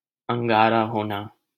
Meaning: to become red with anger
- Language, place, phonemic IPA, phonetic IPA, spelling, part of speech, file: Hindi, Delhi, /əŋ.ɡɑː.ɾɑː ɦoː.nɑː/, [ɐ̃ŋ.ɡäː.ɾäː‿ɦoː.näː], अंगारा होना, verb, LL-Q1568 (hin)-अंगारा होना.wav